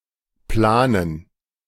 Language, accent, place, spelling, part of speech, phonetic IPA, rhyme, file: German, Germany, Berlin, Planen, noun, [ˈplaːnən], -aːnən, De-Planen.ogg
- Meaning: 1. gerund of planen 2. plural of Plane